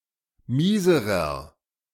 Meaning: inflection of mies: 1. strong/mixed nominative masculine singular comparative degree 2. strong genitive/dative feminine singular comparative degree 3. strong genitive plural comparative degree
- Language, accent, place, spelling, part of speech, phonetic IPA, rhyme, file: German, Germany, Berlin, mieserer, adjective, [ˈmiːzəʁɐ], -iːzəʁɐ, De-mieserer.ogg